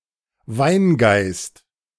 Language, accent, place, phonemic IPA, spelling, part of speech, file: German, Germany, Berlin, /ˈvaɪ̯nˌɡaɪ̯st/, Weingeist, noun, De-Weingeist.ogg
- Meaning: ethanol, alcohol